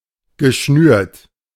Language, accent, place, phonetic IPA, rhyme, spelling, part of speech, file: German, Germany, Berlin, [ɡəˈʃnyːɐ̯t], -yːɐ̯t, geschnürt, verb, De-geschnürt.ogg
- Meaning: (verb) past participle of schnüren; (adjective) laced